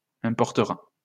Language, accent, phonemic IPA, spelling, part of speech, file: French, France, /ɛ̃.pɔʁ.tə.ʁa/, importera, verb, LL-Q150 (fra)-importera.wav
- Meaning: third-person singular future of importer